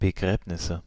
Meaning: nominative/accusative/genitive plural of Begräbnis
- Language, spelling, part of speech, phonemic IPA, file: German, Begräbnisse, noun, /bəˈɡʁɛːpnɪsə/, De-Begräbnisse.ogg